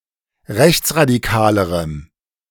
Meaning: strong dative masculine/neuter singular comparative degree of rechtsradikal
- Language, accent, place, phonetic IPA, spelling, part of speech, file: German, Germany, Berlin, [ˈʁɛçt͡sʁadiˌkaːləʁəm], rechtsradikalerem, adjective, De-rechtsradikalerem.ogg